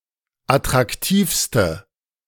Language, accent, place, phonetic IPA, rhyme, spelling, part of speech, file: German, Germany, Berlin, [atʁakˈtiːfstə], -iːfstə, attraktivste, adjective, De-attraktivste.ogg
- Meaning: inflection of attraktiv: 1. strong/mixed nominative/accusative feminine singular superlative degree 2. strong nominative/accusative plural superlative degree